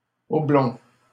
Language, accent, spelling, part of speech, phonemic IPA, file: French, Canada, oblong, adjective, /ɔ.blɔ̃/, LL-Q150 (fra)-oblong.wav
- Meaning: oblong